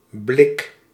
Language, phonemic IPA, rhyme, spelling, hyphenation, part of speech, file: Dutch, /blɪk/, -ɪk, blik, blik, noun / verb, Nl-blik.ogg
- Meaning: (noun) 1. a glance 2. a manner of looking 3. a ray, a beam 4. a can, a tin (container) 5. sheet metal, tin plate; the metallic material tins are made of, often coated with tin or pewter 6. a dustpan